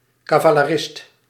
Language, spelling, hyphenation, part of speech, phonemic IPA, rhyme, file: Dutch, cavalerist, ca‧va‧le‧rist, noun, /ˌkaː.vaː.ləˈrɪst/, -ɪst, Nl-cavalerist.ogg
- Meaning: cavalry soldier (soldier on horseback)